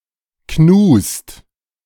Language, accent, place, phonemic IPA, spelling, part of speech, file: German, Germany, Berlin, /knuːst/, Knust, noun, De-Knust.ogg
- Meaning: heel of bread